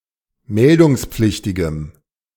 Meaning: strong dative masculine/neuter singular of meldungspflichtig
- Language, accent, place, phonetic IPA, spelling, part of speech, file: German, Germany, Berlin, [ˈmɛldʊŋsp͡flɪçtɪɡəm], meldungspflichtigem, adjective, De-meldungspflichtigem.ogg